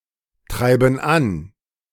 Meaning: inflection of antreiben: 1. first/third-person plural present 2. first/third-person plural subjunctive I
- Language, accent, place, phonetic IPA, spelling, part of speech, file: German, Germany, Berlin, [ˌtʁaɪ̯bn̩ ˈan], treiben an, verb, De-treiben an.ogg